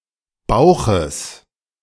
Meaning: genitive singular of Bauch
- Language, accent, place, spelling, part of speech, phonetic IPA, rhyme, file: German, Germany, Berlin, Bauches, noun, [ˈbaʊ̯xəs], -aʊ̯xəs, De-Bauches.ogg